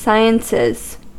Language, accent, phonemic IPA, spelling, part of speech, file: English, US, /ˈsaɪənsɪz/, sciences, noun / verb, En-us-sciences.ogg
- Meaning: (noun) 1. plural of science 2. All the fields of science, collectively; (verb) third-person singular simple present indicative of science